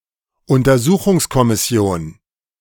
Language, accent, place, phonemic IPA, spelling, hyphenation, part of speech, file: German, Germany, Berlin, /ʊn.tɐ.ˈzuː.xʊŋs.kɔ.mɪ.ˌsi̯oːn/, Untersuchungskommission, Un‧ter‧su‧chungs‧kom‧mis‧si‧on, noun, De-Untersuchungskommission.ogg
- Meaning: investigative commission